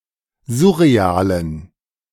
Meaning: inflection of surreal: 1. strong genitive masculine/neuter singular 2. weak/mixed genitive/dative all-gender singular 3. strong/weak/mixed accusative masculine singular 4. strong dative plural
- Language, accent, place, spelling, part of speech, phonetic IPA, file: German, Germany, Berlin, surrealen, adjective, [ˈzʊʁeˌaːlən], De-surrealen.ogg